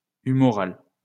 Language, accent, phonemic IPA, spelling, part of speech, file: French, France, /y.mɔ.ʁal/, humoral, adjective, LL-Q150 (fra)-humoral.wav
- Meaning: humoral